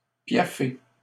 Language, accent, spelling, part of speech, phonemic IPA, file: French, Canada, piaffer, verb, /pja.fe/, LL-Q150 (fra)-piaffer.wav
- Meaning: 1. to stamp, paw the ground 2. to stamp one's feet